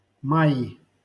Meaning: nominative/accusative plural of май (maj)
- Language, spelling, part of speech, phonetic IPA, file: Russian, маи, noun, [ˈmaɪ], LL-Q7737 (rus)-маи.wav